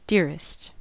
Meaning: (adjective) superlative form of dear: most dear; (noun) A beloved person; a term of endearment
- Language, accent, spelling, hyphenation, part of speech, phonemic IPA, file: English, General American, dearest, dear‧est, adjective / noun, /ˈdɪɹɪst/, En-us-dearest.ogg